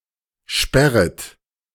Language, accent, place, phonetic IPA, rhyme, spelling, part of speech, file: German, Germany, Berlin, [ˈʃpɛʁət], -ɛʁət, sperret, verb, De-sperret.ogg
- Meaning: second-person plural subjunctive I of sperren